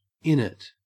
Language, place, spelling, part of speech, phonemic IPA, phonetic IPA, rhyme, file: English, Queensland, innit, contraction, /ˈɪn.ɪt/, [ˈɪn.ɪʔ], -ɪnɪt, En-au-innit.ogg
- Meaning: 1. Contraction of isn't + it 2. Used as a replacement for any other negative tag question, irrespective of person, number, or verb. May precede the statement